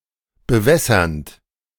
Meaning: present participle of bewässern
- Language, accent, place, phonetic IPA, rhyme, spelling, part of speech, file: German, Germany, Berlin, [bəˈvɛsɐnt], -ɛsɐnt, bewässernd, verb, De-bewässernd.ogg